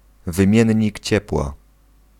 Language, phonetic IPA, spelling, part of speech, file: Polish, [vɨ̃ˈmʲjɛ̇̃ɲːic ˈt͡ɕɛpwa], wymiennik ciepła, noun, Pl-wymiennik ciepła.ogg